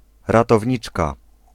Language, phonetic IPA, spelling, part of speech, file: Polish, [ˌratɔvʲˈɲit͡ʃka], ratowniczka, noun, Pl-ratowniczka.ogg